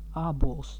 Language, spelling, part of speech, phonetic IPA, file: Latvian, ābols, noun, [ɑ̂ːbuo̯ɫs], Lv-ābols.ogg
- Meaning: apple fruit